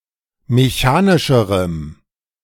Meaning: strong dative masculine/neuter singular comparative degree of mechanisch
- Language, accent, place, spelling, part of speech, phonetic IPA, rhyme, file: German, Germany, Berlin, mechanischerem, adjective, [meˈçaːnɪʃəʁəm], -aːnɪʃəʁəm, De-mechanischerem.ogg